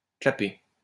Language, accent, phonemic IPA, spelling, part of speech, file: French, France, /kla.pe/, clapper, verb, LL-Q150 (fra)-clapper.wav
- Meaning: to click (the tongue)